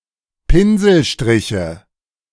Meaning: nominative/accusative/genitive plural of Pinselstrich
- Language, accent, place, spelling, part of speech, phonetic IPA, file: German, Germany, Berlin, Pinselstriche, noun, [ˈpɪnzl̩ˌʃtʁɪçə], De-Pinselstriche.ogg